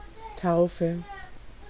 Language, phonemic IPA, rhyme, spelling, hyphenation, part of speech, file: German, /ˈtaʊ̯fə/, -aʊ̯fə, Taufe, Tau‧fe, noun, De-Taufe.ogg
- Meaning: baptism